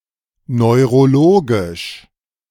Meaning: neurological
- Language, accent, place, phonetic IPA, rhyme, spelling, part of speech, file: German, Germany, Berlin, [nɔɪ̯ʁoˈloːɡɪʃ], -oːɡɪʃ, neurologisch, adjective, De-neurologisch.ogg